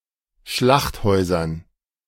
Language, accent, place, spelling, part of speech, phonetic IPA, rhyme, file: German, Germany, Berlin, Schlachthäusern, noun, [ˈʃlaxtˌhɔɪ̯zɐn], -axthɔɪ̯zɐn, De-Schlachthäusern.ogg
- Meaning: dative plural of Schlachthaus